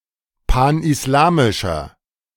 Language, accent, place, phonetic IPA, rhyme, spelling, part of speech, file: German, Germany, Berlin, [ˌpanʔɪsˈlaːmɪʃɐ], -aːmɪʃɐ, panislamischer, adjective, De-panislamischer.ogg
- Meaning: inflection of panislamisch: 1. strong/mixed nominative masculine singular 2. strong genitive/dative feminine singular 3. strong genitive plural